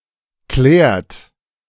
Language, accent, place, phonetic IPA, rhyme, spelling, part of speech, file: German, Germany, Berlin, [klɛːɐ̯t], -ɛːɐ̯t, klärt, verb, De-klärt.ogg
- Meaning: inflection of klären: 1. third-person singular present 2. second-person plural present 3. plural imperative